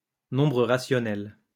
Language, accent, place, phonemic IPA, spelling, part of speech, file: French, France, Lyon, /nɔ̃.bʁə ʁa.sjɔ.nɛl/, nombre rationnel, noun, LL-Q150 (fra)-nombre rationnel.wav
- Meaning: rational number